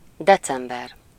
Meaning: December
- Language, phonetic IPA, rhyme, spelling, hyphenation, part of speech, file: Hungarian, [ˈdɛt͡sɛmbɛr], -ɛr, december, de‧cem‧ber, noun, Hu-december.ogg